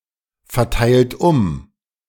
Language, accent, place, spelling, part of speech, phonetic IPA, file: German, Germany, Berlin, verteilt um, verb, [fɛɐ̯ˌtaɪ̯lt ˈʊm], De-verteilt um.ogg
- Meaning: 1. past participle of umverteilen 2. inflection of umverteilen: second-person plural present 3. inflection of umverteilen: third-person singular present 4. inflection of umverteilen: plural imperative